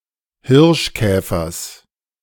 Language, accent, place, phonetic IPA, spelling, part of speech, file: German, Germany, Berlin, [ˈhɪʁʃˌkɛːfɐs], Hirschkäfers, noun, De-Hirschkäfers.ogg
- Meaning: genitive singular of Hirschkäfer